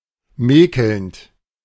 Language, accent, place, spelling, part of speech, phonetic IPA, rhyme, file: German, Germany, Berlin, mäkelnd, verb, [ˈmɛːkl̩nt], -ɛːkl̩nt, De-mäkelnd.ogg
- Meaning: present participle of mäkeln